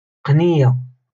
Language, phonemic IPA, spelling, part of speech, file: Moroccan Arabic, /qnij.ja/, قنية, noun, LL-Q56426 (ary)-قنية.wav
- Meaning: rabbit